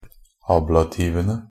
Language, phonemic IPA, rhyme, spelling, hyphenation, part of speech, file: Norwegian Bokmål, /ˈɑːblatiːʋənə/, -ənə, ablativene, ab‧la‧tiv‧en‧e, noun, NB - Pronunciation of Norwegian Bokmål «ablativene».ogg
- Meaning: definite plural of ablativ